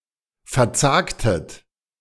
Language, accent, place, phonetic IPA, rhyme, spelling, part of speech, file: German, Germany, Berlin, [fɛɐ̯ˈt͡saːktət], -aːktət, verzagtet, verb, De-verzagtet.ogg
- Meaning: inflection of verzagen: 1. second-person plural preterite 2. second-person plural subjunctive II